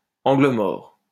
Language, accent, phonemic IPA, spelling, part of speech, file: French, France, /ɑ̃.ɡlə mɔʁ/, angle mort, noun, LL-Q150 (fra)-angle mort.wav
- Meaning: blind spot (in driving, the part of the road that cannot be seen in the rear-view mirror)